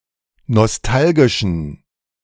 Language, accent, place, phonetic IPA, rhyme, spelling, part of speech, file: German, Germany, Berlin, [nɔsˈtalɡɪʃn̩], -alɡɪʃn̩, nostalgischen, adjective, De-nostalgischen.ogg
- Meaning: inflection of nostalgisch: 1. strong genitive masculine/neuter singular 2. weak/mixed genitive/dative all-gender singular 3. strong/weak/mixed accusative masculine singular 4. strong dative plural